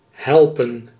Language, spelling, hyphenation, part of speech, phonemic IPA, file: Dutch, helpen, hel‧pen, verb, /ˈɦɛl.pə(n)/, Nl-helpen.ogg
- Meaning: 1. to help 2. to provide, to supply 3. to get hooked, to cause (someone) to be very keen (on), addicted or depended